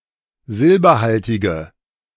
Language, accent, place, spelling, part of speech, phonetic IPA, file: German, Germany, Berlin, silberhaltige, adjective, [ˈzɪlbɐˌhaltɪɡə], De-silberhaltige.ogg
- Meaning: inflection of silberhaltig: 1. strong/mixed nominative/accusative feminine singular 2. strong nominative/accusative plural 3. weak nominative all-gender singular